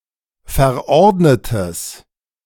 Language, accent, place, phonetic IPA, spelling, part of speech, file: German, Germany, Berlin, [fɛɐ̯ˈʔɔʁdnətəs], verordnetes, adjective, De-verordnetes.ogg
- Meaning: strong/mixed nominative/accusative neuter singular of verordnet